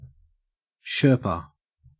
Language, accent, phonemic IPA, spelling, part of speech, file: English, Australia, /ˈʃɜː(ɹ)pə/, sherpa, noun / verb, En-au-sherpa.ogg
- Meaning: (noun) 1. A local mountain guide or porter, particularly a male of the Nepalese Sherpa people so employed 2. An expert accompanying a high-ranking leader to a summit meeting